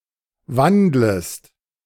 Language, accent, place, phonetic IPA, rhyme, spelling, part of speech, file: German, Germany, Berlin, [ˈvandləst], -andləst, wandlest, verb, De-wandlest.ogg
- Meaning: second-person singular subjunctive I of wandeln